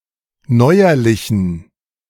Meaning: inflection of neuerlich: 1. strong genitive masculine/neuter singular 2. weak/mixed genitive/dative all-gender singular 3. strong/weak/mixed accusative masculine singular 4. strong dative plural
- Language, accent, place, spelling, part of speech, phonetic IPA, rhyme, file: German, Germany, Berlin, neuerlichen, adjective, [ˈnɔɪ̯ɐlɪçn̩], -ɔɪ̯ɐlɪçn̩, De-neuerlichen.ogg